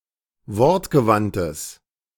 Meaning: strong/mixed nominative/accusative neuter singular of wortgewandt
- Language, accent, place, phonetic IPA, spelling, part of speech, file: German, Germany, Berlin, [ˈvɔʁtɡəˌvantəs], wortgewandtes, adjective, De-wortgewandtes.ogg